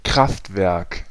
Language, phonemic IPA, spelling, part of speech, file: German, /ˈkʁaftvɛʁk/, Kraftwerk, noun, De-Kraftwerk.ogg
- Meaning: power station, power plant